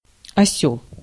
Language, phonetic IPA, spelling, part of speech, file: Russian, [ɐˈsʲɵɫ], осёл, noun, Ru-осёл.ogg
- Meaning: 1. donkey, ass (animal) 2. idiot, fool, stupid or naive person